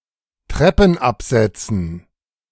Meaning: dative plural of Treppenabsatz
- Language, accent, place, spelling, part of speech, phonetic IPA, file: German, Germany, Berlin, Treppenabsätzen, noun, [ˈtʁɛpn̩ʔapzɛt͡sn̩], De-Treppenabsätzen.ogg